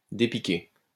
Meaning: to make feel better
- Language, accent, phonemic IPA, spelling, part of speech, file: French, France, /de.pi.ke/, dépiquer, verb, LL-Q150 (fra)-dépiquer.wav